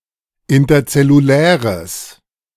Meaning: strong/mixed nominative/accusative neuter singular of interzellulär
- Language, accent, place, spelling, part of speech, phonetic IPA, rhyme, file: German, Germany, Berlin, interzelluläres, adjective, [ˌɪntɐt͡sɛluˈlɛːʁəs], -ɛːʁəs, De-interzelluläres.ogg